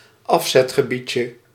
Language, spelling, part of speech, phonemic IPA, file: Dutch, afzetgebiedje, noun, /ˈɑfsɛtxəbicə/, Nl-afzetgebiedje.ogg
- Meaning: diminutive of afzetgebied